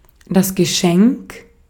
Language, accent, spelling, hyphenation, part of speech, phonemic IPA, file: German, Austria, Geschenk, Ge‧schenk, noun, /ɡəˈʃɛŋk/, De-at-Geschenk.ogg
- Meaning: present, gift